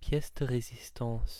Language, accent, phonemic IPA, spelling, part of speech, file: French, France, /pjɛs də ʁe.zis.tɑ̃s/, pièce de résistance, noun, Fr-fr-pièce de résistance.ogg
- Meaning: the finest part of something, especially a meal